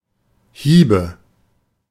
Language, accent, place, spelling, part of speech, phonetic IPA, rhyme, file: German, Germany, Berlin, Hiebe, noun, [ˈhiːbə], -iːbə, De-Hiebe.ogg
- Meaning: nominative/accusative/genitive plural of Hieb